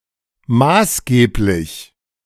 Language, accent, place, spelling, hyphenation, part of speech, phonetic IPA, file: German, Germany, Berlin, maßgeblich, maß‧geb‧lich, adjective, [ˈmaːsˌɡeːplɪç], De-maßgeblich.ogg
- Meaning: 1. applicable, relevant 2. significant, decisive, authoritative 3. essential 4. prevailing, representative